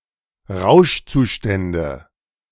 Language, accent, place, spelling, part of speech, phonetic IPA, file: German, Germany, Berlin, Rauschzustände, noun, [ˈʁaʊ̯ʃt͡suˌʃtɛndə], De-Rauschzustände.ogg
- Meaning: nominative/accusative/genitive plural of Rauschzustand